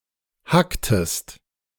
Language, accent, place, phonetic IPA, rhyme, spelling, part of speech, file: German, Germany, Berlin, [ˈhaktəst], -aktəst, hacktest, verb, De-hacktest.ogg
- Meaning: inflection of hacken: 1. second-person singular preterite 2. second-person singular subjunctive II